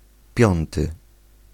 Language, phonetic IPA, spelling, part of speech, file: Polish, [ˈpʲjɔ̃ntɨ], piąty, adjective / noun, Pl-piąty.ogg